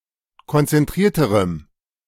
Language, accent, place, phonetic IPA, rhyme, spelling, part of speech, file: German, Germany, Berlin, [kɔnt͡sɛnˈtʁiːɐ̯təʁəm], -iːɐ̯təʁəm, konzentrierterem, adjective, De-konzentrierterem.ogg
- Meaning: strong dative masculine/neuter singular comparative degree of konzentriert